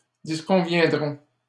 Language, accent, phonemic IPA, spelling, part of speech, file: French, Canada, /dis.kɔ̃.vjɛ̃.dʁɔ̃/, disconviendront, verb, LL-Q150 (fra)-disconviendront.wav
- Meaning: third-person plural simple future of disconvenir